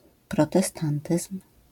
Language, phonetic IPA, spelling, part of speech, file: Polish, [ˌprɔtɛˈstãntɨsm̥], protestantyzm, noun, LL-Q809 (pol)-protestantyzm.wav